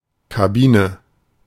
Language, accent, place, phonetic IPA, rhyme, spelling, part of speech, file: German, Germany, Berlin, [kaˈbiːnə], -iːnə, Kabine, noun, De-Kabine.ogg
- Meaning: cabin, cubicle